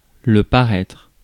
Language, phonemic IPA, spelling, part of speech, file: French, /pa.ʁɛtʁ/, paraître, verb / noun, Fr-paraître.ogg
- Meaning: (verb) 1. to appear (become visible) 2. to be published 3. to appear, to seem 4. to be said that, to be rumored that; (noun) appearance